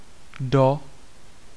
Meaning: 1. into, in (to the inside of) 2. to, in (in the direction of, and arriving at; indicating destination) 3. until (up to the time of) 4. by (at some time before the given time)
- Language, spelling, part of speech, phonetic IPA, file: Czech, do, preposition, [ˈdo], Cs-do.ogg